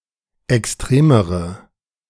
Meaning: inflection of extrem: 1. strong/mixed nominative/accusative feminine singular comparative degree 2. strong nominative/accusative plural comparative degree
- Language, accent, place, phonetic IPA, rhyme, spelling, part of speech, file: German, Germany, Berlin, [ɛksˈtʁeːməʁə], -eːməʁə, extremere, adjective, De-extremere.ogg